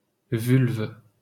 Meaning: vulva
- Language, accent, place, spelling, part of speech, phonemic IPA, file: French, France, Paris, vulve, noun, /vylv/, LL-Q150 (fra)-vulve.wav